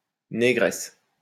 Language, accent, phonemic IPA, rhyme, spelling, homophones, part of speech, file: French, France, /ne.ɡʁɛs/, -ɛs, négresse, négresses, noun, LL-Q150 (fra)-négresse.wav
- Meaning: 1. female equivalent of nègre: negress 2. Black woman 3. girlfriend (of any race) 4. honey, baby (term for one's girlfriend or wife)